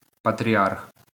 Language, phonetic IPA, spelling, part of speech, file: Ukrainian, [pɐtʲrʲiˈarx], патріарх, noun, LL-Q8798 (ukr)-патріарх.wav
- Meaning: patriarch